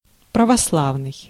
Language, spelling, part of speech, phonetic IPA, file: Russian, православный, adjective / noun, [prəvɐsˈɫavnɨj], Ru-православный.ogg
- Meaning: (adjective) Orthodox; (noun) an Orthodox (an Orthodox Christian person)